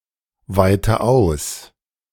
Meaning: inflection of ausweiten: 1. first-person singular present 2. first/third-person singular subjunctive I 3. singular imperative
- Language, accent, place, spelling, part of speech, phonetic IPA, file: German, Germany, Berlin, weite aus, verb, [ˌvaɪ̯tə ˈaʊ̯s], De-weite aus.ogg